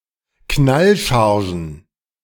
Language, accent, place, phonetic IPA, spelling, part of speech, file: German, Germany, Berlin, [ˈknalˌʃaʁʒn̩], Knallchargen, noun, De-Knallchargen.ogg
- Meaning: plural of Knallcharge